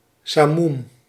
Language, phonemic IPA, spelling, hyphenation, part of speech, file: Dutch, /saːˈmum/, samoem, sa‧moem, noun, Nl-samoem.ogg
- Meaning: simoom